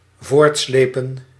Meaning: 1. to tow or drag forth 2. to drag on, to keep on reoccurring
- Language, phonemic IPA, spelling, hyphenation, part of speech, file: Dutch, /ˈvoːrtˌsleː.pə(n)/, voortslepen, voort‧sle‧pen, verb, Nl-voortslepen.ogg